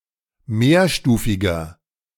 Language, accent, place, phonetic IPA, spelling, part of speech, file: German, Germany, Berlin, [ˈmeːɐ̯ˌʃtuːfɪɡɐ], mehrstufiger, adjective, De-mehrstufiger.ogg
- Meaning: inflection of mehrstufig: 1. strong/mixed nominative masculine singular 2. strong genitive/dative feminine singular 3. strong genitive plural